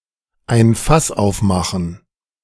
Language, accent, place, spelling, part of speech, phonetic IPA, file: German, Germany, Berlin, ein Fass aufmachen, phrase, [aɪ̯n fas ˈaʊ̯fˌmaxn̩], De-ein Fass aufmachen.ogg
- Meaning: to make a fuss, to make a big thing out of the matter at hand